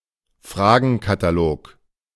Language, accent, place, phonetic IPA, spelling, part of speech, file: German, Germany, Berlin, [ˈfʁaːɡn̩kataˌloːk], Fragenkatalog, noun, De-Fragenkatalog.ogg
- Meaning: questionnaire